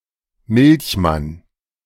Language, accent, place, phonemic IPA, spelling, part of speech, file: German, Germany, Berlin, /ˈmɪlçˌman/, Milchmann, noun, De-Milchmann.ogg
- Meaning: milkman